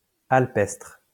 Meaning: alpine
- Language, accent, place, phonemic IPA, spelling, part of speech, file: French, France, Lyon, /al.pɛstʁ/, alpestre, adjective, LL-Q150 (fra)-alpestre.wav